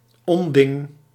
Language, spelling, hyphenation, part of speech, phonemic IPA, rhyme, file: Dutch, onding, on‧ding, noun, /ˈɔn.dɪŋ/, -ɔndɪŋ, Nl-onding.ogg
- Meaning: stupid, detestable thing